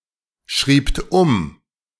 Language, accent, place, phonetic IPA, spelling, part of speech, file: German, Germany, Berlin, [ˌʃʁiːpt ˈʊm], schriebt um, verb, De-schriebt um.ogg
- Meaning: second-person plural preterite of umschreiben